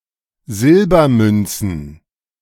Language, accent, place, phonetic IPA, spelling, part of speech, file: German, Germany, Berlin, [ˈzɪlbɐˌmʏnt͡sn̩], Silbermünzen, noun, De-Silbermünzen.ogg
- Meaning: plural of Silbermünze